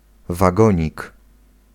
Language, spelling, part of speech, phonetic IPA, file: Polish, wagonik, noun, [vaˈɡɔ̃ɲik], Pl-wagonik.ogg